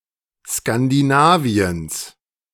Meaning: genitive of Skandinavien
- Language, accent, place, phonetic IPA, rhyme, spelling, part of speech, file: German, Germany, Berlin, [skandiˈnaːvi̯əns], -aːvi̯əns, Skandinaviens, noun, De-Skandinaviens.ogg